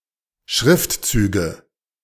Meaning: nominative/accusative/genitive plural of Schriftzug
- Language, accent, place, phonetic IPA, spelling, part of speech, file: German, Germany, Berlin, [ˈʃʁɪftˌt͡syːɡə], Schriftzüge, noun, De-Schriftzüge.ogg